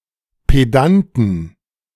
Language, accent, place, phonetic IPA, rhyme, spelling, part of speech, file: German, Germany, Berlin, [peˈdantn̩], -antn̩, Pedanten, noun, De-Pedanten.ogg
- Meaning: inflection of Pedant: 1. genitive/dative/accusative singular 2. nominative/genitive/dative/accusative plural